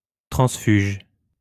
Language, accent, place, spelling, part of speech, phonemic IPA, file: French, France, Lyon, transfuge, noun, /tʁɑ̃s.fyʒ/, LL-Q150 (fra)-transfuge.wav
- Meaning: 1. deserter, defector, turncoat 2. defector